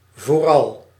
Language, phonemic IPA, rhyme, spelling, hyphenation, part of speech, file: Dutch, /voːˈrɑl/, -ɑl, vooral, voor‧al, adverb, Nl-vooral.ogg
- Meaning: 1. especially, above all 2. most of the time